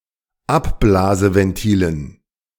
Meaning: dative plural of Abblaseventil
- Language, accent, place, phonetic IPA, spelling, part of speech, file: German, Germany, Berlin, [ˈapˌblaːzəvɛnˌtiːlən], Abblaseventilen, noun, De-Abblaseventilen.ogg